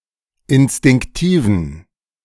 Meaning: inflection of instinktiv: 1. strong genitive masculine/neuter singular 2. weak/mixed genitive/dative all-gender singular 3. strong/weak/mixed accusative masculine singular 4. strong dative plural
- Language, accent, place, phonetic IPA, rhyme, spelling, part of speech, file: German, Germany, Berlin, [ɪnstɪŋkˈtiːvn̩], -iːvn̩, instinktiven, adjective, De-instinktiven.ogg